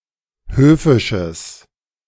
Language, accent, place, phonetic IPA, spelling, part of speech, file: German, Germany, Berlin, [ˈhøːfɪʃəs], höfisches, adjective, De-höfisches.ogg
- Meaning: strong/mixed nominative/accusative neuter singular of höfisch